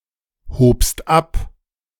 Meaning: second-person singular preterite of abheben
- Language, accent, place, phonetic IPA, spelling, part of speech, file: German, Germany, Berlin, [ˌhoːpst ˈap], hobst ab, verb, De-hobst ab.ogg